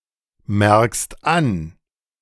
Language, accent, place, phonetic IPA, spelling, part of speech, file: German, Germany, Berlin, [ˌmɛʁkst ˈan], merkst an, verb, De-merkst an.ogg
- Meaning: second-person singular present of anmerken